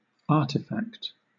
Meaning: 1. An object made or shaped by human hand or labor 2. An object made or shaped by some agent or intelligence, not necessarily of direct human origin
- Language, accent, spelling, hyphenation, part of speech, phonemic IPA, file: English, Southern England, artifact, ar‧ti‧fact, noun, /ˈɑːtɪfækt/, LL-Q1860 (eng)-artifact.wav